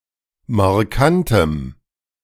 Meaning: strong dative masculine/neuter singular of markant
- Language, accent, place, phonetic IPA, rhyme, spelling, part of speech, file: German, Germany, Berlin, [maʁˈkantəm], -antəm, markantem, adjective, De-markantem.ogg